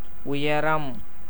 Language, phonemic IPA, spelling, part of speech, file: Tamil, /ʊjɐɾɐm/, உயரம், noun, Ta-உயரம்.ogg
- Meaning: 1. height 2. altitude 3. elevation, eminence, loftiness